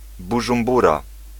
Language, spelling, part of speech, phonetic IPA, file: Polish, Bużumbura, proper noun, [ˌbuʒũmˈbura], Pl-Bużumbura.ogg